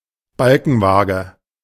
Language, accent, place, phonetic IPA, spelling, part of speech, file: German, Germany, Berlin, [ˈbalkn̩vaːɡə], Balkenwaage, noun, De-Balkenwaage.ogg
- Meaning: steelyard balance